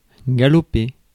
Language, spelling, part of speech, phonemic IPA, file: French, galoper, verb, /ɡa.lɔ.pe/, Fr-galoper.ogg
- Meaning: to gallop